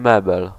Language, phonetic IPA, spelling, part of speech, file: Polish, [ˈmɛbɛl], mebel, noun, Pl-mebel.ogg